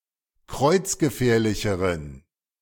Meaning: inflection of kreuzgefährlich: 1. strong genitive masculine/neuter singular comparative degree 2. weak/mixed genitive/dative all-gender singular comparative degree
- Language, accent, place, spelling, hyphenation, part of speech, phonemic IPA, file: German, Germany, Berlin, kreuzgefährlicheren, kreuz‧ge‧fähr‧li‧che‧ren, adjective, /ˈkʁɔɪ̯t͡s̯ɡəˌfɛːɐ̯lɪçəʁən/, De-kreuzgefährlicheren.ogg